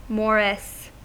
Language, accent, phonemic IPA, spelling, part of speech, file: English, US, /ˈmɒɹɪs/, morris, noun / verb, En-us-morris.ogg
- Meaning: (noun) 1. A type of pike 2. A morris dance; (verb) To perform morris dancing; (noun) The young of the conger eel or similar fish, originally thought to be a separate species